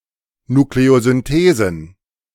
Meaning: plural of Nukleosynthese
- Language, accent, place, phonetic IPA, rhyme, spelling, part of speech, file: German, Germany, Berlin, [nukleozʏnˈteːzn̩], -eːzn̩, Nukleosynthesen, noun, De-Nukleosynthesen.ogg